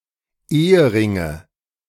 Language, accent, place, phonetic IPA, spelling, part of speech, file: German, Germany, Berlin, [ˈeːəˌʁɪŋə], Eheringe, noun, De-Eheringe.ogg
- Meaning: nominative/accusative/genitive plural of Ehering